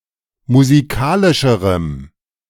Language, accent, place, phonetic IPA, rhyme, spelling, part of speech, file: German, Germany, Berlin, [muziˈkaːlɪʃəʁəm], -aːlɪʃəʁəm, musikalischerem, adjective, De-musikalischerem.ogg
- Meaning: strong dative masculine/neuter singular comparative degree of musikalisch